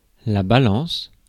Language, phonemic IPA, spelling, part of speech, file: French, /ba.lɑ̃s/, balance, noun / verb, Fr-balance.ogg
- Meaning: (noun) 1. scales 2. balance 3. drop-net 4. informant, snitch 5. the rest, the remainder 6. a scale, more specifically a balancing scale